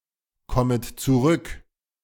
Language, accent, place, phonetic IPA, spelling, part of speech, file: German, Germany, Berlin, [ˌkɔmət t͡suˈʁʏk], kommet zurück, verb, De-kommet zurück.ogg
- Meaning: second-person plural subjunctive I of zurückkommen